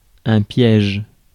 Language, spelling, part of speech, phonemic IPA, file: French, piège, noun / verb, /pjɛʒ/, Fr-piège.ogg
- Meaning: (noun) 1. trap, snare, booby trap 2. pitfall; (verb) inflection of piéger: 1. first/third-person singular present indicative/subjunctive 2. second-person singular imperative